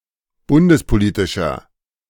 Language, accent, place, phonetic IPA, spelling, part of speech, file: German, Germany, Berlin, [ˈbʊndəspoˌliːtɪʃɐ], bundespolitischer, adjective, De-bundespolitischer.ogg
- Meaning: inflection of bundespolitisch: 1. strong/mixed nominative masculine singular 2. strong genitive/dative feminine singular 3. strong genitive plural